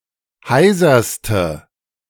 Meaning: inflection of heiser: 1. strong/mixed nominative/accusative feminine singular superlative degree 2. strong nominative/accusative plural superlative degree
- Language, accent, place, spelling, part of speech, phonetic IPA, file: German, Germany, Berlin, heiserste, adjective, [ˈhaɪ̯zɐstə], De-heiserste.ogg